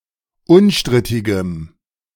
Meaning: strong dative masculine/neuter singular of unstrittig
- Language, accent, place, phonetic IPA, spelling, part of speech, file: German, Germany, Berlin, [ˈʊnˌʃtʁɪtɪɡəm], unstrittigem, adjective, De-unstrittigem.ogg